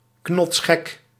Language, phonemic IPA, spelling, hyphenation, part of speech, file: Dutch, /knɔtsˈxɛk/, knotsgek, knots‧gek, adjective, Nl-knotsgek.ogg
- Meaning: batshit, fucking crazy